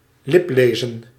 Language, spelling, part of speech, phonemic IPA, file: Dutch, liplezen, verb, /ˈlɪplezə(n)/, Nl-liplezen.ogg
- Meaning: to read lips